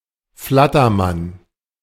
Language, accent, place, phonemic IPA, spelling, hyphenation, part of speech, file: German, Germany, Berlin, /ˈflatɐˌman/, Flattermann, Flat‧ter‧mann, noun, De-Flattermann.ogg
- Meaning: 1. nervous person, nervous wreck 2. inner restlessness, nervousness 3. roast chicken